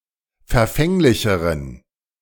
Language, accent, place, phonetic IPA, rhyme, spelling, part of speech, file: German, Germany, Berlin, [fɛɐ̯ˈfɛŋlɪçəʁən], -ɛŋlɪçəʁən, verfänglicheren, adjective, De-verfänglicheren.ogg
- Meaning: inflection of verfänglich: 1. strong genitive masculine/neuter singular comparative degree 2. weak/mixed genitive/dative all-gender singular comparative degree